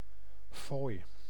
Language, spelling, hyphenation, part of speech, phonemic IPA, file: Dutch, fooi, fooi, noun, /foːj/, Nl-fooi.ogg
- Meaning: 1. a gift of money (often for people such as artists and beggars in places like city centers) 2. a tip, a gratuity (a small amount of money left for a bartender or servant as a token of appreciation)